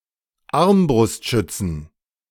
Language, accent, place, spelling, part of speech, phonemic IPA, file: German, Germany, Berlin, Armbrustschützen, noun, /ˈaʁmbrʊstˌʃʏtsən/, De-Armbrustschützen.ogg
- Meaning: inflection of Armbrustschütze: 1. genitive/dative/accusative singular 2. all-case plural